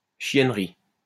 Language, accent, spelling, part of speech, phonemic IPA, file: French, France, chiennerie, noun, /ʃjɛn.ʁi/, LL-Q150 (fra)-chiennerie.wav
- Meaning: 1. a large group of dogs 2. things relating to dogs 3. an immodest act 4. avarice 5. an untenable situation